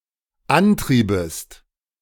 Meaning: second-person singular dependent subjunctive II of antreiben
- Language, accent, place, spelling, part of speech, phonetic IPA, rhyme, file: German, Germany, Berlin, antriebest, verb, [ˈanˌtʁiːbəst], -antʁiːbəst, De-antriebest.ogg